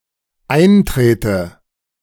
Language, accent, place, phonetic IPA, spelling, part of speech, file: German, Germany, Berlin, [ˈaɪ̯nˌtʁeːtə], eintrete, verb, De-eintrete.ogg
- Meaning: inflection of eintreten: 1. first-person singular dependent present 2. first/third-person singular dependent subjunctive I